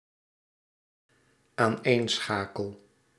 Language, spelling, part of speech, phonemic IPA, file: Dutch, aaneenschakel, verb, /anˈensxakəl/, Nl-aaneenschakel.ogg
- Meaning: first-person singular dependent-clause present indicative of aaneenschakelen